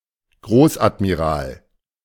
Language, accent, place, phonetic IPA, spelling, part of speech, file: German, Germany, Berlin, [ˈɡʁoːsʔatmiˌʁaːl], Großadmiral, noun, De-Großadmiral.ogg
- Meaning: admiral of the fleet, grand admiral (the highest possible naval rank in some historical German-speaking navies)